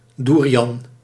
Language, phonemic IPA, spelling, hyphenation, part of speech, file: Dutch, /ˈdu.ri.ɑn/, doerian, doe‧ri‧an, noun, Nl-doerian.ogg
- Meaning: 1. durian (tree) 2. durian (fruit)